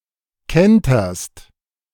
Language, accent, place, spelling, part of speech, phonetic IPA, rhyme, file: German, Germany, Berlin, kenterst, verb, [ˈkɛntɐst], -ɛntɐst, De-kenterst.ogg
- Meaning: second-person singular present of kentern